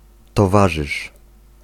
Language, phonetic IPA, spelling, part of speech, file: Polish, [tɔˈvaʒɨʃ], towarzysz, noun / verb, Pl-towarzysz.ogg